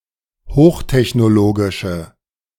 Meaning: inflection of hochtechnologisch: 1. strong/mixed nominative/accusative feminine singular 2. strong nominative/accusative plural 3. weak nominative all-gender singular
- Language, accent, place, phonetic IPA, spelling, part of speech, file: German, Germany, Berlin, [ˈhoːxtɛçnoˌloːɡɪʃə], hochtechnologische, adjective, De-hochtechnologische.ogg